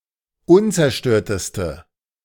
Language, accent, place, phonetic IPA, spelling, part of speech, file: German, Germany, Berlin, [ˈʊnt͡sɛɐ̯ˌʃtøːɐ̯təstə], unzerstörteste, adjective, De-unzerstörteste.ogg
- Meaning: inflection of unzerstört: 1. strong/mixed nominative/accusative feminine singular superlative degree 2. strong nominative/accusative plural superlative degree